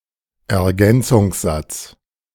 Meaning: A subordinate clause which replaces an object
- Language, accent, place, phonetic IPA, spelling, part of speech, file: German, Germany, Berlin, [ɛɐ̯ˈɡɛnt͡sʊŋsˌzat͡s], Ergänzungssatz, noun, De-Ergänzungssatz.ogg